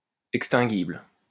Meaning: extinguishable
- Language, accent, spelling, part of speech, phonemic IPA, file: French, France, extinguible, adjective, /ɛk.stɛ̃.ɡibl/, LL-Q150 (fra)-extinguible.wav